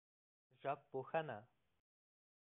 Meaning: linguistics
- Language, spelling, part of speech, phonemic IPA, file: Pashto, ژبپوهنه, noun, /ʒəb.po.həˈ.na/, Ps-ژبپوهنه.oga